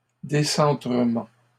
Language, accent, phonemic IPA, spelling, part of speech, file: French, Canada, /de.sɑ̃.tʁə.mɑ̃/, décentrement, noun, LL-Q150 (fra)-décentrement.wav
- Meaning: decentering